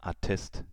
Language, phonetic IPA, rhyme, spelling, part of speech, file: German, [aˈtɛst], -ɛst, Attest, noun, De-Attest.ogg
- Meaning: medical certificate